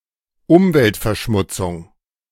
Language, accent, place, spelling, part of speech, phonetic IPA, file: German, Germany, Berlin, Umweltverschmutzung, noun, [ˈʊmvɛltfɛɐ̯ˌʃmʊt͡sʊŋ], De-Umweltverschmutzung.ogg
- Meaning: pollution